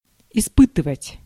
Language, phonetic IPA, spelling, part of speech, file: Russian, [ɪˈspɨtɨvətʲ], испытывать, verb, Ru-испытывать.ogg
- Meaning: 1. to try, to test, to assay 2. to experience, to undergo, to feel